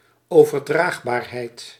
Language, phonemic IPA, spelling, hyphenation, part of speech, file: Dutch, /oː.vərˈdraːx.baːrˌɦɛi̯t/, overdraagbaarheid, over‧draag‧baar‧heid, noun, Nl-overdraagbaarheid.ogg
- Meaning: the capability of being transmitted